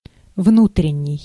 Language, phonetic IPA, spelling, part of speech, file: Russian, [ˈvnutrʲɪnʲ(ː)ɪj], внутренний, adjective, Ru-внутренний.ogg
- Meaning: 1. inner, interior 2. domestic